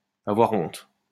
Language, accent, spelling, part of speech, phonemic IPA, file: French, France, avoir honte, verb, /a.vwaʁ ɔ̃t/, LL-Q150 (fra)-avoir honte.wav
- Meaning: to be ashamed, to feel ashamed